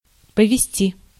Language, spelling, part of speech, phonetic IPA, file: Russian, повести, verb, [pəvʲɪˈsʲtʲi], Ru-повести.ogg
- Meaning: 1. to lead, to conduct, to direct, to drive 2. to move